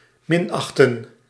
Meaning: to show contempt, to look down, to scorn
- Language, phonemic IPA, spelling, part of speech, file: Dutch, /mɪnɑxtə(n)/, minachten, verb, Nl-minachten.ogg